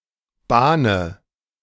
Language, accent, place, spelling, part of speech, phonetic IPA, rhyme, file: German, Germany, Berlin, bahne, verb, [ˈbaːnə], -aːnə, De-bahne.ogg
- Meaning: inflection of bahnen: 1. first-person singular present 2. singular imperative 3. first/third-person singular subjunctive I